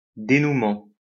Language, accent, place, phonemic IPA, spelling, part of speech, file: French, France, Lyon, /de.nu.mɑ̃/, dénouement, noun, LL-Q150 (fra)-dénouement.wav
- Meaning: 1. outcome 2. dénouement 3. act of unwinding a position